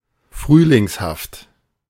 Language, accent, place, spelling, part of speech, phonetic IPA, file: German, Germany, Berlin, frühlingshaft, adjective, [ˈfʁyːlɪŋshaft], De-frühlingshaft.ogg
- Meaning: vernal, springlike